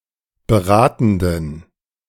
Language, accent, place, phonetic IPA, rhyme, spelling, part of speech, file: German, Germany, Berlin, [bəˈʁaːtn̩dən], -aːtn̩dən, beratenden, adjective, De-beratenden.ogg
- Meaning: inflection of beratend: 1. strong genitive masculine/neuter singular 2. weak/mixed genitive/dative all-gender singular 3. strong/weak/mixed accusative masculine singular 4. strong dative plural